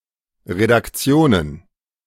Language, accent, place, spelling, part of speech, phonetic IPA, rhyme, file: German, Germany, Berlin, Redaktionen, noun, [ʁedakˈt͡si̯oːnən], -oːnən, De-Redaktionen.ogg
- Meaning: plural of Redaktion